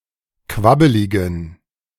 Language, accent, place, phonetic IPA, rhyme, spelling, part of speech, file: German, Germany, Berlin, [ˈkvabəlɪɡn̩], -abəlɪɡn̩, quabbeligen, adjective, De-quabbeligen.ogg
- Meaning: inflection of quabbelig: 1. strong genitive masculine/neuter singular 2. weak/mixed genitive/dative all-gender singular 3. strong/weak/mixed accusative masculine singular 4. strong dative plural